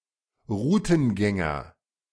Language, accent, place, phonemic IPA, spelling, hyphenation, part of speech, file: German, Germany, Berlin, /ˈʁuːtn̩ˌɡɛŋɐ/, Rutengänger, Ru‧ten‧gän‧ger, noun, De-Rutengänger.ogg
- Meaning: dowser